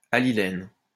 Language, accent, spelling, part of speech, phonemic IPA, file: French, France, allylène, noun, /a.li.lɛn/, LL-Q150 (fra)-allylène.wav
- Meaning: allylene